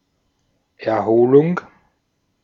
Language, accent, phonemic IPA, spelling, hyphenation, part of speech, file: German, Austria, /ɛʁˈhoːlʊŋ/, Erholung, Er‧ho‧lung, noun, De-at-Erholung.ogg
- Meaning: 1. recovery, convalescence 2. recreation